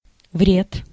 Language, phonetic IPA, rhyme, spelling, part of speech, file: Russian, [vrʲet], -et, вред, noun, Ru-вред.ogg
- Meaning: 1. harm, damage 2. detriment